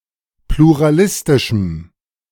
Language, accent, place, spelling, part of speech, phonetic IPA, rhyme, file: German, Germany, Berlin, pluralistischem, adjective, [pluʁaˈlɪstɪʃm̩], -ɪstɪʃm̩, De-pluralistischem.ogg
- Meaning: strong dative masculine/neuter singular of pluralistisch